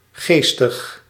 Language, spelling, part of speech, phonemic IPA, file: Dutch, geestig, adjective / adverb, /ˈɣestəx/, Nl-geestig.ogg
- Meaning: witty, humorous